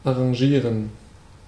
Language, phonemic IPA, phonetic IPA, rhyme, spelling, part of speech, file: German, /aʁãˈʒiːʁən/, [ʔaʁãˈʒiːɐ̯n], -iːʁən, arrangieren, verb, De-arrangieren.ogg
- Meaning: 1. to arrange 2. to come to an agreement